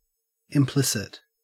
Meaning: 1. Suggested indirectly, without being directly expressed; Implied 2. Contained in the essential nature of something but not openly shown
- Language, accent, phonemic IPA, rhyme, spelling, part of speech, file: English, Australia, /ɪmˈplɪsɪt/, -ɪsɪt, implicit, adjective, En-au-implicit.ogg